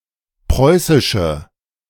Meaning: inflection of preußisch: 1. strong/mixed nominative/accusative feminine singular 2. strong nominative/accusative plural 3. weak nominative all-gender singular
- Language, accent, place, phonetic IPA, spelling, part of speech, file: German, Germany, Berlin, [ˈpʁɔɪ̯sɪʃə], preußische, adjective, De-preußische.ogg